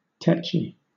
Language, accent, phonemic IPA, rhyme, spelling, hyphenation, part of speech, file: English, Southern England, /ˈtɛt͡ʃi/, -ɛtʃi, tetchy, tetch‧y, adjective, LL-Q1860 (eng)-tetchy.wav
- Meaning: Synonym of touchy: easily annoyed or irritated, peevish, testy, irascible; also (figurative) extremely sensitive, difficult to manage, use, or work